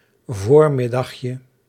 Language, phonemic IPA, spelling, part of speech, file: Dutch, /ˈvormɪdɑxjə/, voormiddagje, noun, Nl-voormiddagje.ogg
- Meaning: diminutive of voormiddag